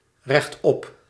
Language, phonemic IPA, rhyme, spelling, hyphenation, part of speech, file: Dutch, /rɛxˈtɔp/, -ɔp, rechtop, recht‧op, adverb, Nl-rechtop.ogg
- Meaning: upright (erect)